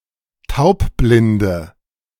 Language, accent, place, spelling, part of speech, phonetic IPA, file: German, Germany, Berlin, taubblinde, adjective, [ˈtaʊ̯pˌblɪndə], De-taubblinde.ogg
- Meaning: inflection of taubblind: 1. strong/mixed nominative/accusative feminine singular 2. strong nominative/accusative plural 3. weak nominative all-gender singular